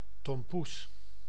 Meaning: tompouce: a Dutch version of mille-feuille, having a thick layer of pastry cream sandwiched between two thin layers of puff pastry, with on top a layer of icing
- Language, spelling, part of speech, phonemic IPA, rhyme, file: Dutch, tompoes, noun, /tɔmˈpus/, -us, Nl-tompoes.ogg